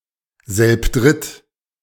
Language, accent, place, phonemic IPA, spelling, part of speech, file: German, Germany, Berlin, /zɛlpˈdʁɪt/, selbdritt, adverb, De-selbdritt.ogg
- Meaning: three together